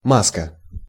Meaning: mask
- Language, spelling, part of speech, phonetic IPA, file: Russian, маска, noun, [ˈmaskə], Ru-маска.ogg